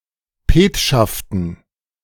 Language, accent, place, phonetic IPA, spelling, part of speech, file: German, Germany, Berlin, [ˈpeːtʃaftn̩], Petschaften, noun, De-Petschaften.ogg
- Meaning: dative plural of Petschaft